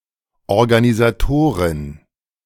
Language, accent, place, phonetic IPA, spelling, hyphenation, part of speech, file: German, Germany, Berlin, [ɔʁɡanizaˈtoːʁɪn], Organisatorin, Or‧ga‧ni‧sa‧to‧rin, noun, De-Organisatorin.ogg
- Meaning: female equivalent of Organisator